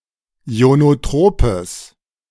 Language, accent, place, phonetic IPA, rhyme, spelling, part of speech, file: German, Germany, Berlin, [i̯onoˈtʁoːpəs], -oːpəs, ionotropes, adjective, De-ionotropes.ogg
- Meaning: strong/mixed nominative/accusative neuter singular of ionotrop